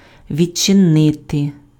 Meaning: to open (:a door, a window)
- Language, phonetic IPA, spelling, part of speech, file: Ukrainian, [ʋʲid͡ʒt͡ʃeˈnɪte], відчинити, verb, Uk-відчинити.ogg